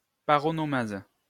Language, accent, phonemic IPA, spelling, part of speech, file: French, France, /pa.ʁɔ.nɔ.maz/, paronomase, noun, LL-Q150 (fra)-paronomase.wav
- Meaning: paronomasia